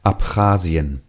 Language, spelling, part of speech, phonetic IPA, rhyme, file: German, Abchasien, proper noun, [apˈxaːzi̯ən], -aːzi̯ən, De-Abchasien.ogg